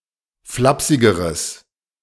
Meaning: strong/mixed nominative/accusative neuter singular comparative degree of flapsig
- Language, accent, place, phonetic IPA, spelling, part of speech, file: German, Germany, Berlin, [ˈflapsɪɡəʁəs], flapsigeres, adjective, De-flapsigeres.ogg